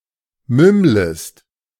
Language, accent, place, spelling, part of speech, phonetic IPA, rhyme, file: German, Germany, Berlin, mümmlest, verb, [ˈmʏmləst], -ʏmləst, De-mümmlest.ogg
- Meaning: second-person singular subjunctive I of mümmeln